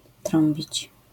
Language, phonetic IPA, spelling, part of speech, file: Polish, [ˈtrɔ̃mbʲit͡ɕ], trąbić, verb, LL-Q809 (pol)-trąbić.wav